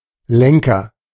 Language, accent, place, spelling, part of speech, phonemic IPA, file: German, Germany, Berlin, Lenker, noun, /ˈlɛŋkɐ/, De-Lenker.ogg
- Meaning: 1. handlebar, rod, control lever 2. leader, head man 3. ellipsis of Fahrzeuglenker